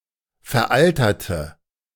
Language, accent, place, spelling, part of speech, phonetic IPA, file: German, Germany, Berlin, veralterte, adjective, [fɛɐ̯ˈʔaltɐtə], De-veralterte.ogg
- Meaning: inflection of veraltert: 1. strong/mixed nominative/accusative feminine singular 2. strong nominative/accusative plural 3. weak nominative all-gender singular